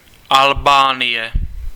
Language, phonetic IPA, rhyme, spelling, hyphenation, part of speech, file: Czech, [ˈalbaːnɪjɛ], -ɪjɛ, Albánie, Al‧bá‧nie, proper noun, Cs-Albánie.ogg
- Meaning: Albania (a country in Southeastern Europe; official name: Albánská republika)